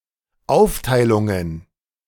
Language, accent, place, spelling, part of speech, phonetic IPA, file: German, Germany, Berlin, Aufteilungen, noun, [ˈaʊ̯ftaɪ̯lʊŋən], De-Aufteilungen.ogg
- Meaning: plural of Aufteilung